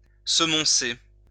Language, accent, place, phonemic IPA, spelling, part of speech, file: French, France, Lyon, /sə.mɔ̃.se/, semoncer, verb, LL-Q150 (fra)-semoncer.wav
- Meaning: to scold, reprimand, rebuke